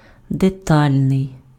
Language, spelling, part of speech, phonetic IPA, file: Ukrainian, детальний, adjective, [deˈtalʲnei̯], Uk-детальний.ogg
- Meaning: detailed